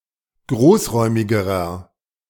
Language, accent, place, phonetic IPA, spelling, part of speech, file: German, Germany, Berlin, [ˈɡʁoːsˌʁɔɪ̯mɪɡəʁɐ], großräumigerer, adjective, De-großräumigerer.ogg
- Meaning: inflection of großräumig: 1. strong/mixed nominative masculine singular comparative degree 2. strong genitive/dative feminine singular comparative degree 3. strong genitive plural comparative degree